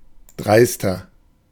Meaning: 1. comparative degree of dreist 2. inflection of dreist: strong/mixed nominative masculine singular 3. inflection of dreist: strong genitive/dative feminine singular
- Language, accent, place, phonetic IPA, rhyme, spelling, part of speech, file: German, Germany, Berlin, [ˈdʁaɪ̯stɐ], -aɪ̯stɐ, dreister, adjective, De-dreister.ogg